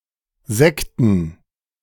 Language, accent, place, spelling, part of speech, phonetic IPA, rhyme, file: German, Germany, Berlin, Sekten, noun, [ˈzɛktn̩], -ɛktn̩, De-Sekten.ogg
- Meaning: plural of Sekte